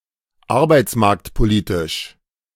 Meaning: labour market policy
- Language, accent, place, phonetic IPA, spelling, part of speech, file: German, Germany, Berlin, [ˈaʁbaɪ̯t͡smaʁktpoˌliːtɪʃ], arbeitsmarktpolitisch, adjective, De-arbeitsmarktpolitisch.ogg